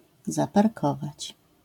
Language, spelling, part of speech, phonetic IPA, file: Polish, zaparkować, verb, [ˌzaparˈkɔvat͡ɕ], LL-Q809 (pol)-zaparkować.wav